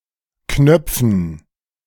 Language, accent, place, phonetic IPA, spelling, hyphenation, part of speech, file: German, Germany, Berlin, [ˈknœpfn̩], knöpfen, knöp‧fen, verb, De-knöpfen.ogg
- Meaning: to button